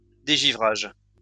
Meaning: 1. defrosting 2. deicing
- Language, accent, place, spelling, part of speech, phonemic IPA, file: French, France, Lyon, dégivrage, noun, /de.ʒi.vʁaʒ/, LL-Q150 (fra)-dégivrage.wav